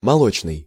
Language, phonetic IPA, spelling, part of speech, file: Russian, [mɐˈɫot͡ɕnɨj], молочный, adjective, Ru-молочный.ogg
- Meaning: 1. milk, dairy; lactic 2. milky 3. milk-fed 4. milk-white